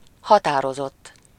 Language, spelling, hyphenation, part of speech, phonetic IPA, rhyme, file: Hungarian, határozott, ha‧tá‧ro‧zott, verb / adjective, [ˈhɒtaːrozotː], -otː, Hu-határozott.ogg
- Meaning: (verb) 1. third-person singular indicative past indefinite of határoz 2. past participle of határoz; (adjective) 1. determined, resolute, firm 2. precise, exact, accurate, fixed, definite